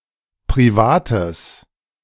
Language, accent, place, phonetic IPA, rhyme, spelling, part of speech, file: German, Germany, Berlin, [pʁiˈvaːtəs], -aːtəs, privates, adjective, De-privates.ogg
- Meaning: strong/mixed nominative/accusative neuter singular of privat